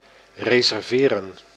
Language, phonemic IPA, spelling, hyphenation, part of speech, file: Dutch, /ˌreː.zɛrˈveː.rə(n)/, reserveren, re‧ser‧ve‧ren, verb, Nl-reserveren.ogg
- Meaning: 1. to reserve 2. to book (reserve)